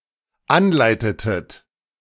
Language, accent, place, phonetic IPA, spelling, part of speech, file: German, Germany, Berlin, [ˈanˌlaɪ̯tətət], anleitetet, verb, De-anleitetet.ogg
- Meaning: inflection of anleiten: 1. second-person plural dependent preterite 2. second-person plural dependent subjunctive II